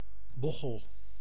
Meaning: hump, hunch, humpback, hunchback
- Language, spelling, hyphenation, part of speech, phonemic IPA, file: Dutch, bochel, bo‧chel, noun, /ˈbɔ.xəl/, Nl-bochel.ogg